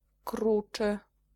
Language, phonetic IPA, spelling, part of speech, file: Polish, [ˈkrut͡ʃɨ], kruczy, adjective, Pl-kruczy.ogg